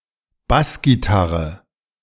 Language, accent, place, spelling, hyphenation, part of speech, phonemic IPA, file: German, Germany, Berlin, Bassgitarre, Bass‧gi‧tar‧re, noun, /ˈbasɡiˌtaʁə/, De-Bassgitarre.ogg
- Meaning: bass guitar